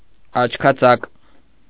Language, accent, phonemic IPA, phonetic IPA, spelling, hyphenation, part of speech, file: Armenian, Eastern Armenian, /ɑt͡ʃʰkʰɑˈt͡sɑk/, [ɑt͡ʃʰkʰɑt͡sɑ́k], աչքածակ, աչ‧քա‧ծակ, adjective, Hy-աչքածակ.ogg
- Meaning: greedy; covetous; gluttonous